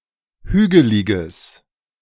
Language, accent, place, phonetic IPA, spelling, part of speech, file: German, Germany, Berlin, [ˈhyːɡəlɪɡəs], hügeliges, adjective, De-hügeliges.ogg
- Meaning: strong/mixed nominative/accusative neuter singular of hügelig